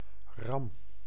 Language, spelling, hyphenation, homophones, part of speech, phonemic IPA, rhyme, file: Dutch, ram, ram, Ram / RAM, noun / verb, /rɑm/, -ɑm, Nl-ram.ogg
- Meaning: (noun) 1. ram (male sheep) 2. male rabbit 3. battering ram; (verb) inflection of rammen: 1. first-person singular present indicative 2. second-person singular present indicative 3. imperative